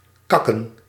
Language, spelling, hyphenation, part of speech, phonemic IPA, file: Dutch, kakken, kak‧ken, verb, /ˈkɑkə(n)/, Nl-kakken.ogg
- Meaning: 1. to defecate 2. to (secrete) shit (notably solids) 3. to trot slowly, lustlessly